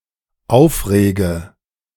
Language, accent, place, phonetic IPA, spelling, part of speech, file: German, Germany, Berlin, [ˈaʊ̯fˌʁeːɡə], aufrege, verb, De-aufrege.ogg
- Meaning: inflection of aufregen: 1. first-person singular dependent present 2. first/third-person singular dependent subjunctive I